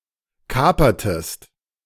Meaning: inflection of kapern: 1. second-person singular preterite 2. second-person singular subjunctive II
- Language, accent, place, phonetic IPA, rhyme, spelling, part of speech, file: German, Germany, Berlin, [ˈkaːpɐtəst], -aːpɐtəst, kapertest, verb, De-kapertest.ogg